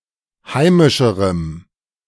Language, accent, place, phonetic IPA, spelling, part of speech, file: German, Germany, Berlin, [ˈhaɪ̯mɪʃəʁəm], heimischerem, adjective, De-heimischerem.ogg
- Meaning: strong dative masculine/neuter singular comparative degree of heimisch